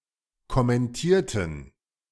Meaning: inflection of kommentieren: 1. first/third-person plural preterite 2. first/third-person plural subjunctive II
- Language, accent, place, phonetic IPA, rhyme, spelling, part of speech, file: German, Germany, Berlin, [kɔmɛnˈtiːɐ̯tn̩], -iːɐ̯tn̩, kommentierten, adjective / verb, De-kommentierten.ogg